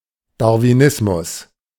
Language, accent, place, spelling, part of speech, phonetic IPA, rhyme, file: German, Germany, Berlin, Darwinismus, noun, [daʁviˈnɪsmʊs], -ɪsmʊs, De-Darwinismus.ogg
- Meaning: Darwinism